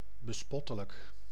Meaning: ridiculous, laughable
- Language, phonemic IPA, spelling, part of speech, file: Dutch, /bəˈspɔtələk/, bespottelijk, adjective, Nl-bespottelijk.ogg